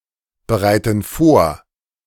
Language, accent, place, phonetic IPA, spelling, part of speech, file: German, Germany, Berlin, [bəˌʁaɪ̯tn̩ ˈfoːɐ̯], bereiten vor, verb, De-bereiten vor.ogg
- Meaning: inflection of vorbereiten: 1. first/third-person plural present 2. first/third-person plural subjunctive I